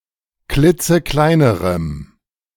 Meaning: strong dative masculine/neuter singular comparative degree of klitzeklein
- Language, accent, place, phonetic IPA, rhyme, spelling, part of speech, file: German, Germany, Berlin, [ˈklɪt͡səˈklaɪ̯nəʁəm], -aɪ̯nəʁəm, klitzekleinerem, adjective, De-klitzekleinerem.ogg